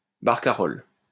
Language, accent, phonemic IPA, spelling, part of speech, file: French, France, /baʁ.ka.ʁɔl/, barcarolle, noun, LL-Q150 (fra)-barcarolle.wav
- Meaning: barcarole